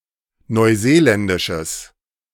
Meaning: strong/mixed nominative/accusative neuter singular of neuseeländisch
- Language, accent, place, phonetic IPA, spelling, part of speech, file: German, Germany, Berlin, [nɔɪ̯ˈzeːˌlɛndɪʃəs], neuseeländisches, adjective, De-neuseeländisches.ogg